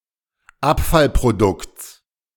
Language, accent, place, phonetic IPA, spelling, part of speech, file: German, Germany, Berlin, [ˈapfalpʁoˌdʊkt͡s], Abfallprodukts, noun, De-Abfallprodukts.ogg
- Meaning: genitive singular of Abfallprodukt